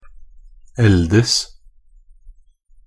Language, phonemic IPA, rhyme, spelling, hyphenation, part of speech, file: Norwegian Bokmål, /ˈɛldəs/, -əs, eldes, el‧des, verb, Nb-eldes.ogg
- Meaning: 1. to age (to grow aged; to become old) 2. to become older; develop into, become